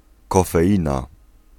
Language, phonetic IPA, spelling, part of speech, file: Polish, [ˌkɔfɛˈʲĩna], kofeina, noun, Pl-kofeina.ogg